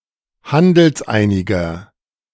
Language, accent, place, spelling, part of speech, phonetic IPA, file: German, Germany, Berlin, handelseiniger, adjective, [ˈhandl̩sˌʔaɪ̯nɪɡɐ], De-handelseiniger.ogg
- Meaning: inflection of handelseinig: 1. strong/mixed nominative masculine singular 2. strong genitive/dative feminine singular 3. strong genitive plural